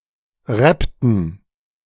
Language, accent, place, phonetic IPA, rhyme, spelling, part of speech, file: German, Germany, Berlin, [ˈʁɛptn̩], -ɛptn̩, rappten, verb, De-rappten.ogg
- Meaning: inflection of rappen: 1. first/third-person plural preterite 2. first/third-person plural subjunctive II